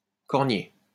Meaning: European cornel (Cornus mas)
- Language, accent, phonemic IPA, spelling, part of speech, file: French, France, /kɔʁ.nje/, cornier, noun, LL-Q150 (fra)-cornier.wav